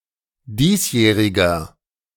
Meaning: inflection of diesjährig: 1. strong/mixed nominative masculine singular 2. strong genitive/dative feminine singular 3. strong genitive plural
- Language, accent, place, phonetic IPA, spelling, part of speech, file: German, Germany, Berlin, [ˈdiːsˌjɛːʁɪɡɐ], diesjähriger, adjective, De-diesjähriger.ogg